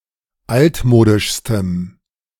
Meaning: strong dative masculine/neuter singular superlative degree of altmodisch
- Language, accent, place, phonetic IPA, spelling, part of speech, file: German, Germany, Berlin, [ˈaltˌmoːdɪʃstəm], altmodischstem, adjective, De-altmodischstem.ogg